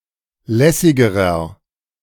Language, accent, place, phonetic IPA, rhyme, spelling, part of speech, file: German, Germany, Berlin, [ˈlɛsɪɡəʁɐ], -ɛsɪɡəʁɐ, lässigerer, adjective, De-lässigerer.ogg
- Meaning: inflection of lässig: 1. strong/mixed nominative masculine singular comparative degree 2. strong genitive/dative feminine singular comparative degree 3. strong genitive plural comparative degree